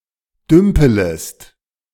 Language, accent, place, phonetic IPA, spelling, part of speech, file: German, Germany, Berlin, [ˈdʏmpələst], dümpelest, verb, De-dümpelest.ogg
- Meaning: second-person singular subjunctive I of dümpeln